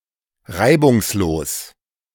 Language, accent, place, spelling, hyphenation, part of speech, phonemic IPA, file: German, Germany, Berlin, reibungslos, rei‧bungs‧los, adjective / adverb, /ˈʁaɪ̯bʊŋsˌloːs/, De-reibungslos.ogg
- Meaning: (adjective) smooth (without difficulty, problems, or unexpected consequences or incidents); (adverb) smoothly